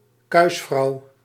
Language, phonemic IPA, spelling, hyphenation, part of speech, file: Dutch, /ˈkœy̯s.frɑu̯/, kuisvrouw, kuis‧vrouw, noun, Nl-kuisvrouw.ogg
- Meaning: a female cleaner